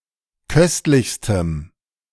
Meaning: strong dative masculine/neuter singular superlative degree of köstlich
- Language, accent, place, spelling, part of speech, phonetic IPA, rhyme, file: German, Germany, Berlin, köstlichstem, adjective, [ˈkœstlɪçstəm], -œstlɪçstəm, De-köstlichstem.ogg